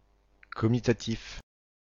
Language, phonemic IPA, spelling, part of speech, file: French, /kɔ.mi.ta.tif/, comitatif, noun, Comitatif-FR.ogg
- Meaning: comitative, comitative case